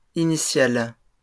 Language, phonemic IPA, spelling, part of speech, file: French, /i.ni.sjal/, initiales, noun, LL-Q150 (fra)-initiales.wav
- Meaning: plural of initiale